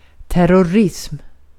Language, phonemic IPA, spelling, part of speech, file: Swedish, /tɛrɔˈrɪsm/, terrorism, noun, Sv-terrorism.ogg
- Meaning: terrorism